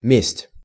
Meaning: 1. revenge, vengeance 2. vendetta
- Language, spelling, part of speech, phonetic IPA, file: Russian, месть, noun, [mʲesʲtʲ], Ru-месть.ogg